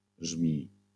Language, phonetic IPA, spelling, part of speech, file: Polish, [ʒmʲij], żmij, noun, LL-Q809 (pol)-żmij.wav